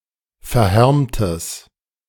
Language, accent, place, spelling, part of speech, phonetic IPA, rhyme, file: German, Germany, Berlin, verhärmtes, adjective, [fɛɐ̯ˈhɛʁmtəs], -ɛʁmtəs, De-verhärmtes.ogg
- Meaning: strong/mixed nominative/accusative neuter singular of verhärmt